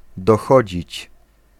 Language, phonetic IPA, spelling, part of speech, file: Polish, [dɔˈxɔd͡ʑit͡ɕ], dochodzić, verb, Pl-dochodzić.ogg